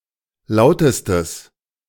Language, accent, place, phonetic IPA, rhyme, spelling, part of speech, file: German, Germany, Berlin, [ˈlaʊ̯təstəs], -aʊ̯təstəs, lautestes, adjective, De-lautestes.ogg
- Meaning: strong/mixed nominative/accusative neuter singular superlative degree of laut